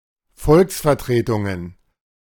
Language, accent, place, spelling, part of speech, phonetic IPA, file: German, Germany, Berlin, Volksvertretungen, noun, [ˈfɔlksfɛɐ̯ˌtʁeːtʊŋən], De-Volksvertretungen.ogg
- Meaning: plural of Volksvertretung